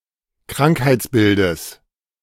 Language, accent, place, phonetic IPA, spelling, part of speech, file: German, Germany, Berlin, [ˈkʁaŋkhaɪ̯t͡sˌbɪldəs], Krankheitsbildes, noun, De-Krankheitsbildes.ogg
- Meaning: genitive singular of Krankheitsbild